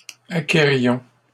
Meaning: inflection of acquérir: 1. first-person plural imperfect indicative 2. first-person plural present subjunctive
- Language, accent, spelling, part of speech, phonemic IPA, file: French, Canada, acquérions, verb, /a.ke.ʁjɔ̃/, LL-Q150 (fra)-acquérions.wav